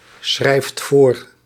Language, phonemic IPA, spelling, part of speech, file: Dutch, /ˈsxrɛift ˈvor/, schrijft voor, verb, Nl-schrijft voor.ogg
- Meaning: inflection of voorschrijven: 1. second/third-person singular present indicative 2. plural imperative